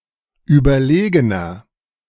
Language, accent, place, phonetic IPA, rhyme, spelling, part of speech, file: German, Germany, Berlin, [ˌyːbɐˈleːɡənɐ], -eːɡənɐ, überlegener, adjective, De-überlegener.ogg
- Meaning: 1. comparative degree of überlegen 2. inflection of überlegen: strong/mixed nominative masculine singular 3. inflection of überlegen: strong genitive/dative feminine singular